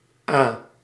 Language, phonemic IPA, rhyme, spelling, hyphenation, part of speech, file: Dutch, /aː/, -aː, Aa, Aa, proper noun, Nl-Aa.ogg
- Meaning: The name of dozens of small rivers and streams; also a common element in many derived hydronyms